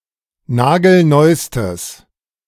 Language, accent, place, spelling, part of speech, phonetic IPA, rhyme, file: German, Germany, Berlin, nagelneustes, adjective, [ˈnaːɡl̩ˈnɔɪ̯stəs], -ɔɪ̯stəs, De-nagelneustes.ogg
- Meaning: strong/mixed nominative/accusative neuter singular superlative degree of nagelneu